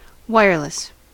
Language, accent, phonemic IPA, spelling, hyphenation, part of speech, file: English, US, /ˈwaɪ(jə)ɹ.ləs/, wireless, wire‧less, adjective / noun / verb, En-us-wireless.ogg
- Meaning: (adjective) 1. Not having any wires 2. Functioning without an external wired connection; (noun) 1. The medium of radio communication 2. A wireless connectivity to a computer network 3. A radio set